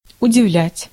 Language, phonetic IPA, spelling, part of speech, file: Russian, [ʊdʲɪˈvlʲætʲ], удивлять, verb, Ru-удивлять.ogg
- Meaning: to astonish, to surprise, to amaze